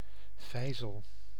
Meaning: 1. mortar (vessel used to grind ingredients); mortar and pestle (pars pro toto, the pestle is normally not named separately) 2. jack (instrument to lift heavy objects) 3. Archimedes' screw
- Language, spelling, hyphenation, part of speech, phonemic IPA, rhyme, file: Dutch, vijzel, vij‧zel, noun, /ˈvɛi̯.zəl/, -ɛi̯zəl, Nl-vijzel.ogg